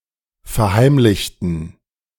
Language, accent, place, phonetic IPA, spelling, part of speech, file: German, Germany, Berlin, [fɛɐ̯ˈhaɪ̯mlɪçtn̩], verheimlichten, adjective / verb, De-verheimlichten.ogg
- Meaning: inflection of verheimlichen: 1. first/third-person plural preterite 2. first/third-person plural subjunctive II